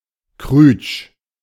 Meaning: alternative form of krüsch
- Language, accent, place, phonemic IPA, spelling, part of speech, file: German, Germany, Berlin, /kʁʏt͡ʃ/, krütsch, adjective, De-krütsch.ogg